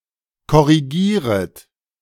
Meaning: second-person plural subjunctive I of korrigieren
- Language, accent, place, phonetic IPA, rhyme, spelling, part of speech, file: German, Germany, Berlin, [kɔʁiˈɡiːʁət], -iːʁət, korrigieret, verb, De-korrigieret.ogg